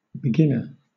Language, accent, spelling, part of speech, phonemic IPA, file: English, Southern England, beginner, noun, /bɪˈɡɪnə/, LL-Q1860 (eng)-beginner.wav
- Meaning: 1. Someone who is just starting at something, or has only recently started 2. Someone who sets something in motion 3. An actor who is present on stage in the first moments of a play